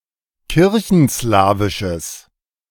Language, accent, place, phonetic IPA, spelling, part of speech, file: German, Germany, Berlin, [ˈkɪʁçn̩ˌslaːvɪʃəs], kirchenslawisches, adjective, De-kirchenslawisches.ogg
- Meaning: strong/mixed nominative/accusative neuter singular of kirchenslawisch